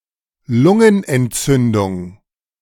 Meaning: pneumonia
- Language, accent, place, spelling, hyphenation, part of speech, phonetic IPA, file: German, Germany, Berlin, Lungenentzündung, Lun‧gen‧ent‧zün‧dung, noun, [ˈlʊŋənʔɛntˌt͡sʏndʊŋ], De-Lungenentzündung.ogg